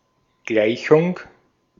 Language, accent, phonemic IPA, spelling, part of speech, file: German, Austria, /ˈɡlaɪ̯çʊŋ/, Gleichung, noun, De-at-Gleichung.ogg
- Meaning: equation, equality